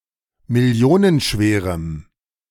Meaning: strong dative masculine/neuter singular of millionenschwer
- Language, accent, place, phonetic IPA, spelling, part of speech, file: German, Germany, Berlin, [mɪˈli̯oːnənˌʃveːʁəm], millionenschwerem, adjective, De-millionenschwerem.ogg